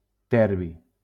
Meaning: terbium
- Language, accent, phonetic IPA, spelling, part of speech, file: Catalan, Valencia, [ˈtɛɾ.bi], terbi, noun, LL-Q7026 (cat)-terbi.wav